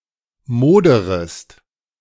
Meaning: second-person singular subjunctive I of modern
- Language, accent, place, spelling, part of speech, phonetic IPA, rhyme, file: German, Germany, Berlin, moderest, verb, [ˈmoːdəʁəst], -oːdəʁəst, De-moderest.ogg